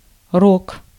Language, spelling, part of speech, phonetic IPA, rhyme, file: Russian, рог, noun, [rok], -ok, Ru-рог.ogg
- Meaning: 1. horn 2. antler 3. bugle